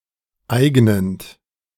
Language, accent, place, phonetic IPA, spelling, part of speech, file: German, Germany, Berlin, [ˈaɪ̯ɡnənt], eignend, verb, De-eignend.ogg
- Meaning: present participle of eignen